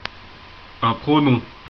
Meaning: pronoun
- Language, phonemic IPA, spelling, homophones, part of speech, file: French, /pʁɔ.nɔ̃/, pronom, pronoms, noun, FR-pronom.ogg